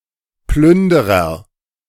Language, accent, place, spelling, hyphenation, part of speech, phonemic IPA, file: German, Germany, Berlin, Plünderer, Plün‧de‧rer, noun, /ˈplʏndəʁɐ/, De-Plünderer.ogg
- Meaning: agent noun of plündern; plunderer, looter